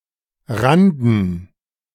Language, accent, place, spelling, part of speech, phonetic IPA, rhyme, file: German, Germany, Berlin, Randen, noun, [ˈʁandn̩], -andn̩, De-Randen.ogg
- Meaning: plural of Rande